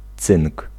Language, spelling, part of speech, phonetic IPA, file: Polish, cynk, noun, [t͡sɨ̃ŋk], Pl-cynk.ogg